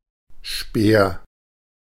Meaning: spear; javelin (a long stick thrown as a weapon or for sport)
- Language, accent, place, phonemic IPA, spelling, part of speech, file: German, Germany, Berlin, /ʃpeːr/, Speer, noun, De-Speer.ogg